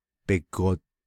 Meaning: his/her/their knee
- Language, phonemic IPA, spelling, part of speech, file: Navajo, /pɪ̀kòt/, bigod, noun, Nv-bigod.ogg